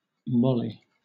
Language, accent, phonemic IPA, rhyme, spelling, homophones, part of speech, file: English, Southern England, /ˈmɒli/, -ɒli, moly, molly, noun, LL-Q1860 (eng)-moly.wav
- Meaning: 1. Molybdenum 2. Molybdenum grease